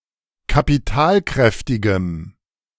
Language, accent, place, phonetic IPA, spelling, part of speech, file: German, Germany, Berlin, [kapiˈtaːlˌkʁɛftɪɡəm], kapitalkräftigem, adjective, De-kapitalkräftigem.ogg
- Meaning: strong dative masculine/neuter singular of kapitalkräftig